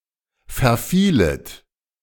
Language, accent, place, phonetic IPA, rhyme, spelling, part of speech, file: German, Germany, Berlin, [fɛɐ̯ˈfiːlət], -iːlət, verfielet, verb, De-verfielet.ogg
- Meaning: second-person plural subjunctive II of verfallen